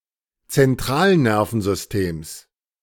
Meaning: genitive singular of Zentralnervensystem
- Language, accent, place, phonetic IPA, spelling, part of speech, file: German, Germany, Berlin, [t͡sɛnˈtʁaːlˌnɛʁfn̩zʏsteːms], Zentralnervensystems, noun, De-Zentralnervensystems.ogg